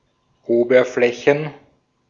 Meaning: plural of Oberfläche
- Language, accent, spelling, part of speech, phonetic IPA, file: German, Austria, Oberflächen, noun, [ˈoːbɐˌflɛçn̩], De-at-Oberflächen.ogg